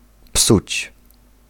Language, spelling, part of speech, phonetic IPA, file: Polish, psuć, verb, [psut͡ɕ], Pl-psuć.ogg